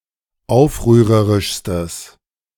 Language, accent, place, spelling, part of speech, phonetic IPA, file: German, Germany, Berlin, aufrührerischstes, adjective, [ˈaʊ̯fʁyːʁəʁɪʃstəs], De-aufrührerischstes.ogg
- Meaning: strong/mixed nominative/accusative neuter singular superlative degree of aufrührerisch